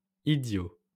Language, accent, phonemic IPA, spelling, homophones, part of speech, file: French, France, /i.djo/, idiots, idiot, adjective / noun, LL-Q150 (fra)-idiots.wav
- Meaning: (adjective) masculine plural of idiot